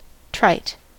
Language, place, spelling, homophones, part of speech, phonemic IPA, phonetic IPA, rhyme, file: English, California, trite, tryte, adjective / noun, /tɹaɪt/, [tɹʌɪt], -aɪt, En-us-trite.ogg
- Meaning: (adjective) 1. used so many times that it is commonplace, or no longer interesting or effective; worn out, hackneyed 2. So well established as to be beyond debate: trite law